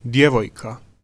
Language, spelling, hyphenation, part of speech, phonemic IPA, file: Serbo-Croatian, djevojka, dje‧voj‧ka, noun, /djěʋoːjka/, Hr-djevojka.ogg
- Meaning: 1. girl, maiden 2. girlfriend